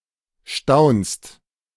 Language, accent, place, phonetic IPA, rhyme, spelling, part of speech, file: German, Germany, Berlin, [ʃtaʊ̯nst], -aʊ̯nst, staunst, verb, De-staunst.ogg
- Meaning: second-person singular present of staunen